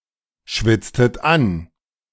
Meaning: inflection of anschwitzen: 1. second-person plural preterite 2. second-person plural subjunctive II
- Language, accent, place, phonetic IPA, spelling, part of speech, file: German, Germany, Berlin, [ˌʃvɪt͡stət ˈan], schwitztet an, verb, De-schwitztet an.ogg